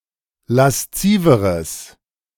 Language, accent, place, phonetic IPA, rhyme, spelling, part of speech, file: German, Germany, Berlin, [lasˈt͡siːvəʁəs], -iːvəʁəs, lasziveres, adjective, De-lasziveres.ogg
- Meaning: strong/mixed nominative/accusative neuter singular comparative degree of lasziv